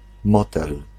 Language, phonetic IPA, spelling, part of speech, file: Polish, [ˈmɔtɛl], motel, noun, Pl-motel.ogg